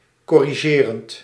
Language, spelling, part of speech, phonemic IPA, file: Dutch, corrigerend, verb / adjective, /kɔriˈʒerənt/, Nl-corrigerend.ogg
- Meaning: present participle of corrigeren